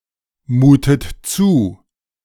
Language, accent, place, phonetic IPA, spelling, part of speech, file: German, Germany, Berlin, [ˌmuːtət ˈt͡suː], mutet zu, verb, De-mutet zu.ogg
- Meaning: inflection of zumuten: 1. second-person plural present 2. second-person plural subjunctive I 3. third-person singular present 4. plural imperative